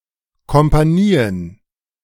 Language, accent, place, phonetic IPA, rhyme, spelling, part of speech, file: German, Germany, Berlin, [kɔmpaˈniːən], -iːən, Kompanien, noun, De-Kompanien.ogg
- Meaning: plural of Kompanie